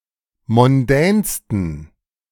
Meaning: 1. superlative degree of mondän 2. inflection of mondän: strong genitive masculine/neuter singular superlative degree
- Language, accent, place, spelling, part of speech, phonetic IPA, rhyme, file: German, Germany, Berlin, mondänsten, adjective, [mɔnˈdɛːnstn̩], -ɛːnstn̩, De-mondänsten.ogg